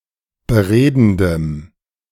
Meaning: strong dative masculine/neuter singular of beredend
- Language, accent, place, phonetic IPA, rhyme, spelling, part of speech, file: German, Germany, Berlin, [bəˈʁeːdn̩dəm], -eːdn̩dəm, beredendem, adjective, De-beredendem.ogg